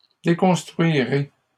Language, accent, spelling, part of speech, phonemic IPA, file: French, Canada, déconstruirai, verb, /de.kɔ̃s.tʁɥi.ʁe/, LL-Q150 (fra)-déconstruirai.wav
- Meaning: first-person singular simple future of déconstruire